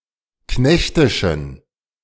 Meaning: inflection of knechtisch: 1. strong genitive masculine/neuter singular 2. weak/mixed genitive/dative all-gender singular 3. strong/weak/mixed accusative masculine singular 4. strong dative plural
- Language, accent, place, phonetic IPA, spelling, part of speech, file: German, Germany, Berlin, [ˈknɛçtɪʃn̩], knechtischen, adjective, De-knechtischen.ogg